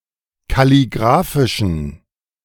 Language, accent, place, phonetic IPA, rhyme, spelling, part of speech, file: German, Germany, Berlin, [kaliˈɡʁaːfɪʃn̩], -aːfɪʃn̩, kalligraphischen, adjective, De-kalligraphischen.ogg
- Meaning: inflection of kalligraphisch: 1. strong genitive masculine/neuter singular 2. weak/mixed genitive/dative all-gender singular 3. strong/weak/mixed accusative masculine singular 4. strong dative plural